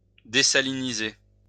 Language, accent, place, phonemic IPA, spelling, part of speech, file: French, France, Lyon, /de.sa.li.ni.ze/, désaliniser, verb, LL-Q150 (fra)-désaliniser.wav
- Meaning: to desalinate